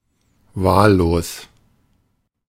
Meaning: random, indiscriminate
- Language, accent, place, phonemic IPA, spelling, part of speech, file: German, Germany, Berlin, /ˈvaːlloːs/, wahllos, adjective, De-wahllos.ogg